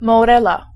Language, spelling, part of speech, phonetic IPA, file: Polish, morela, noun, [mɔˈrɛla], Pl-morela.ogg